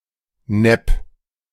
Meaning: 1. rip-off (unfair deal) 2. fake, rip-off (inferior copy)
- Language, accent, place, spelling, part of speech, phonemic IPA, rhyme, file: German, Germany, Berlin, Nepp, noun, /nɛp/, -ɛp, De-Nepp.ogg